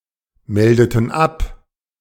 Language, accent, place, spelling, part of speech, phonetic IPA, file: German, Germany, Berlin, meldeten ab, verb, [ˌmɛldətn̩ ˈap], De-meldeten ab.ogg
- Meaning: inflection of abmelden: 1. first/third-person plural preterite 2. first/third-person plural subjunctive II